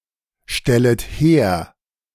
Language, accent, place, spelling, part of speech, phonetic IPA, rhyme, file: German, Germany, Berlin, stellet her, verb, [ˌʃtɛlət ˈheːɐ̯], -eːɐ̯, De-stellet her.ogg
- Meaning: second-person plural subjunctive I of herstellen